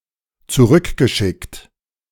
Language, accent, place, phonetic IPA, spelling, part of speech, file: German, Germany, Berlin, [t͡suˈʁʏkɡəˌʃɪkt], zurückgeschickt, verb, De-zurückgeschickt.ogg
- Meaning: past participle of zurückschicken